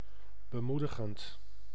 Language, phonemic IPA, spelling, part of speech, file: Dutch, /bəˈmudəɣənt/, bemoedigend, adjective / verb, Nl-bemoedigend.ogg
- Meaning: present participle of bemoedigen